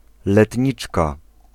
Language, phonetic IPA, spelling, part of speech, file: Polish, [lɛtʲˈɲit͡ʃka], letniczka, noun, Pl-letniczka.ogg